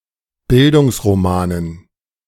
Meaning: dative plural of Bildungsroman
- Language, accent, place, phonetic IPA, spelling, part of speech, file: German, Germany, Berlin, [ˈbɪldʊŋsʁoˌmaːnən], Bildungsromanen, noun, De-Bildungsromanen.ogg